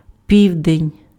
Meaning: 1. midday, noon 2. south
- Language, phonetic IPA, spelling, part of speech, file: Ukrainian, [ˈpʲiu̯denʲ], південь, noun, Uk-південь.ogg